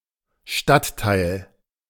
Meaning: district; suburb (Australia, New Zealand)
- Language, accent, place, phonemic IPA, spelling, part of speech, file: German, Germany, Berlin, /ˈʃtatˌtaɪ̯l/, Stadtteil, noun, De-Stadtteil.ogg